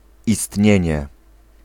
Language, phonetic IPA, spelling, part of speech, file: Polish, [iˈstʲɲɛ̇̃ɲɛ], istnienie, noun, Pl-istnienie.ogg